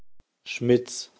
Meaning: a surname originating as an occupation
- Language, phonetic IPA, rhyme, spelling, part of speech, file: German, [ʃmɪt͡s], -ɪt͡s, Schmitz, proper noun, De-Schmitz.ogg